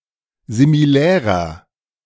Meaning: inflection of similär: 1. strong/mixed nominative masculine singular 2. strong genitive/dative feminine singular 3. strong genitive plural
- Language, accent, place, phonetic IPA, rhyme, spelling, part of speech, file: German, Germany, Berlin, [zimiˈlɛːʁɐ], -ɛːʁɐ, similärer, adjective, De-similärer.ogg